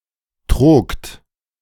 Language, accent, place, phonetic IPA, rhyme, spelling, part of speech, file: German, Germany, Berlin, [tʁoːkt], -oːkt, trogt, verb, De-trogt.ogg
- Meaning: second-person plural preterite of trügen